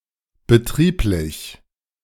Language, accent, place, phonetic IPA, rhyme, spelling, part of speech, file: German, Germany, Berlin, [bəˈtʁiːplɪç], -iːplɪç, betrieblich, adjective, De-betrieblich.ogg
- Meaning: 1. operational 2. company, business